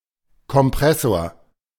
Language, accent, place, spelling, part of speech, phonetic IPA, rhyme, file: German, Germany, Berlin, Kompressor, noun, [kɔmˈpʁɛsoːɐ̯], -ɛsoːɐ̯, De-Kompressor.ogg
- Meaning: 1. a supercharger 2. a compressor; synonym of Verdichter